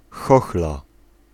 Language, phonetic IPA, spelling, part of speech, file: Polish, [ˈxɔxla], chochla, noun, Pl-chochla.ogg